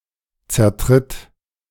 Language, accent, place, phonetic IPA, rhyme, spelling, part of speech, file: German, Germany, Berlin, [t͡sɛɐ̯ˈtʁɪt], -ɪt, zertritt, verb, De-zertritt.ogg
- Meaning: inflection of zertreten: 1. third-person singular present 2. singular imperative